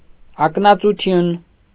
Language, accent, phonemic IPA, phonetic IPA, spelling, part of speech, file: Armenian, Eastern Armenian, /ɑknɑt͡suˈtʰjun/, [ɑknɑt͡sut͡sʰjún], ակնածություն, noun, Hy-ակնածություն.ogg
- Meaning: veneration, reverence, respect